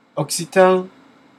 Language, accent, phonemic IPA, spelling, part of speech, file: French, France, /ɔk.si.tɑ̃/, occitan, noun / adjective, Fr-occitan.ogg
- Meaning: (noun) Occitan (an endangered Romance language spoken in Occitania, a region of Europe that includes Southern France, Auvergne, Limousin, and some parts of Catalonia and Italy)